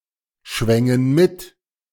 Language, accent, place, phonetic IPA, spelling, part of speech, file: German, Germany, Berlin, [ˌʃvɛŋən ˈmɪt], schwängen mit, verb, De-schwängen mit.ogg
- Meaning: first-person plural subjunctive II of mitschwingen